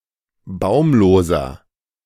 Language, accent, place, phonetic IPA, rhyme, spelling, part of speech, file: German, Germany, Berlin, [ˈbaʊ̯mloːzɐ], -aʊ̯mloːzɐ, baumloser, adjective, De-baumloser.ogg
- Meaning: inflection of baumlos: 1. strong/mixed nominative masculine singular 2. strong genitive/dative feminine singular 3. strong genitive plural